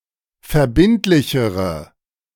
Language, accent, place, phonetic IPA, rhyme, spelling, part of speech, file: German, Germany, Berlin, [fɛɐ̯ˈbɪntlɪçəʁə], -ɪntlɪçəʁə, verbindlichere, adjective, De-verbindlichere.ogg
- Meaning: inflection of verbindlich: 1. strong/mixed nominative/accusative feminine singular comparative degree 2. strong nominative/accusative plural comparative degree